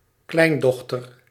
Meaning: granddaughter (daughter of someone’s child)
- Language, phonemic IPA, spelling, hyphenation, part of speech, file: Dutch, /ˈklɛi̯nˌdɔx.tər/, kleindochter, klein‧doch‧ter, noun, Nl-kleindochter.ogg